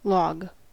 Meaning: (noun) 1. The trunk of a dead tree, cleared of branches 2. Any bulky piece as cut from the above, used as timber, fuel etc
- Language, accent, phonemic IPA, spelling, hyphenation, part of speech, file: English, US, /lɔɡ/, log, log, noun / verb, En-us-log.ogg